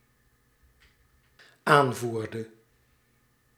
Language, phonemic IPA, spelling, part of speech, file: Dutch, /ˈaɱvurdə/, aanvoerde, verb, Nl-aanvoerde.ogg
- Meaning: inflection of aanvoeren: 1. singular dependent-clause past indicative 2. singular dependent-clause past subjunctive